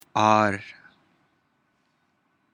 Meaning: 1. original 2. real
- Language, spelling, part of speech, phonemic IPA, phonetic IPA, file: Pashto, آر, adjective, /ɑr/, [ɑɾ], آر.ogg